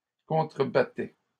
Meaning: third-person plural imperfect indicative of contrebattre
- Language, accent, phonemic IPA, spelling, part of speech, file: French, Canada, /kɔ̃.tʁə.ba.tɛ/, contrebattaient, verb, LL-Q150 (fra)-contrebattaient.wav